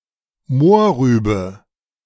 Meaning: carrot
- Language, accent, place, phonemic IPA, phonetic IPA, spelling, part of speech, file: German, Germany, Berlin, /ˈmoː(r)ˌryːbə/, [ˈmoː(ɐ̯)ˌʁyːbə], Mohrrübe, noun, De-Mohrrübe.ogg